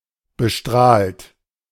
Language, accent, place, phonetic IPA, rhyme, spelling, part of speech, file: German, Germany, Berlin, [bəˈʃtʁaːlt], -aːlt, bestrahlt, verb, De-bestrahlt.ogg
- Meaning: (verb) past participle of bestrahlen; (adjective) irradiated, radiated